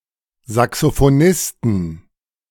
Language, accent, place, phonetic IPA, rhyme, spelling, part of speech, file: German, Germany, Berlin, [zaksofoˈnɪstn̩], -ɪstn̩, Saxophonisten, noun, De-Saxophonisten.ogg
- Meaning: inflection of Saxophonist: 1. genitive/dative/accusative singular 2. nominative/genitive/dative/accusative plural